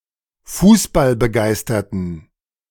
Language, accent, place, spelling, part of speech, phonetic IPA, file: German, Germany, Berlin, fußballbegeisterten, adjective, [ˈfuːsbalbəˌɡaɪ̯stɐtn̩], De-fußballbegeisterten.ogg
- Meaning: inflection of fußballbegeistert: 1. strong genitive masculine/neuter singular 2. weak/mixed genitive/dative all-gender singular 3. strong/weak/mixed accusative masculine singular